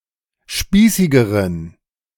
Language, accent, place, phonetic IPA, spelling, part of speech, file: German, Germany, Berlin, [ˈʃpiːsɪɡəʁən], spießigeren, adjective, De-spießigeren.ogg
- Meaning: inflection of spießig: 1. strong genitive masculine/neuter singular comparative degree 2. weak/mixed genitive/dative all-gender singular comparative degree